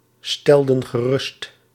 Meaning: inflection of geruststellen: 1. plural past indicative 2. plural past subjunctive
- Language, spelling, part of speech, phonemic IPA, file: Dutch, stelden gerust, verb, /ˈstɛldə(n) ɣəˈrʏst/, Nl-stelden gerust.ogg